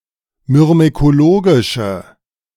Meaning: inflection of myrmekologisch: 1. strong/mixed nominative/accusative feminine singular 2. strong nominative/accusative plural 3. weak nominative all-gender singular
- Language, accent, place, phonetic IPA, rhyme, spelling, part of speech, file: German, Germany, Berlin, [mʏʁmekoˈloːɡɪʃə], -oːɡɪʃə, myrmekologische, adjective, De-myrmekologische.ogg